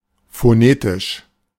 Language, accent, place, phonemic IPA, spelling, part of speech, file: German, Germany, Berlin, /foˈneːtɪʃ/, phonetisch, adjective, De-phonetisch.ogg
- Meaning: phonetic (phonetic)